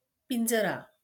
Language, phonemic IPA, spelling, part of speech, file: Marathi, /pin.d͡zɾa/, पिंजरा, noun, LL-Q1571 (mar)-पिंजरा.wav
- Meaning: cage